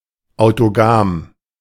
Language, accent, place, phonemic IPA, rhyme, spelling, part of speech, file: German, Germany, Berlin, /aʊ̯toˈɡaːm/, -aːm, autogam, adjective, De-autogam.ogg
- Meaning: autogamous